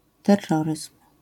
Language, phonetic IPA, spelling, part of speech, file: Polish, [tɛrˈːɔrɨsm̥], terroryzm, noun, LL-Q809 (pol)-terroryzm.wav